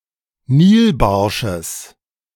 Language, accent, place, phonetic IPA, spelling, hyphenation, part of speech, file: German, Germany, Berlin, [ˈniːlˌbaʁʃəs], Nilbarsches, Nil‧bar‧sches, noun, De-Nilbarsches.ogg
- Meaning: genitive singular of Nilbarsch